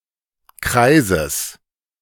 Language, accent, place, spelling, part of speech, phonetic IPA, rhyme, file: German, Germany, Berlin, Kreises, noun, [ˈkʁaɪ̯zəs], -aɪ̯zəs, De-Kreises.ogg
- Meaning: genitive singular of Kreis